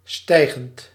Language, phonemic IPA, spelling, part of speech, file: Dutch, /ˈstɛiɣənt/, stijgend, verb / adjective, Nl-stijgend.ogg
- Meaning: present participle of stijgen